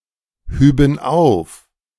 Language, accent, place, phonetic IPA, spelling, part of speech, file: German, Germany, Berlin, [ˌhyːbn̩ ˈaʊ̯f], hüben auf, verb, De-hüben auf.ogg
- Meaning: first/third-person plural subjunctive II of aufheben